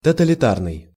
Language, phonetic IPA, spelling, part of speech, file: Russian, [tətəlʲɪˈtarnɨj], тоталитарный, adjective, Ru-тоталитарный.ogg
- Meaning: totalitarian